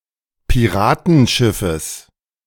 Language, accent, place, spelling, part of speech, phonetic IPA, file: German, Germany, Berlin, Piratenschiffes, noun, [piˈʁaːtn̩ˌʃɪfəs], De-Piratenschiffes.ogg
- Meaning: genitive of Piratenschiff